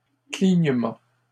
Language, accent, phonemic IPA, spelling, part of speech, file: French, Canada, /kliɲ.mɑ̃/, clignement, noun, LL-Q150 (fra)-clignement.wav
- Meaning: 1. wink, blink 2. winking, blinking